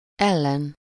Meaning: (postposition) against; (noun) enemy, opponent
- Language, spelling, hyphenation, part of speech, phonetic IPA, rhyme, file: Hungarian, ellen, el‧len, postposition / noun, [ˈɛlːɛn], -ɛn, Hu-ellen.ogg